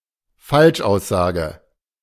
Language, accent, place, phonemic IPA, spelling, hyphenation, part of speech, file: German, Germany, Berlin, /ˈfalʃʔaʊ̯sˌzaːɡə/, Falschaussage, Falsch‧aus‧sa‧ge, noun, De-Falschaussage.ogg
- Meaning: false testimony, perjury